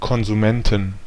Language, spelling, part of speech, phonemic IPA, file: German, Konsumenten, noun, /kɔnzuˈmɛntn/, De-Konsumenten.ogg
- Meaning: inflection of Konsument: 1. dative/accusative singular 2. all-case plural